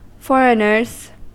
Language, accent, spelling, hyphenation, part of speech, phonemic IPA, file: English, US, foreigners, for‧eign‧ers, noun, /ˈfɔɹ.ɪ.nɚz/, En-us-foreigners.ogg
- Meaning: plural of foreigner